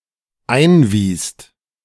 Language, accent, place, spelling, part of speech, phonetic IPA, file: German, Germany, Berlin, einwiest, verb, [ˈaɪ̯nˌviːst], De-einwiest.ogg
- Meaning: second-person singular/plural dependent preterite of einweisen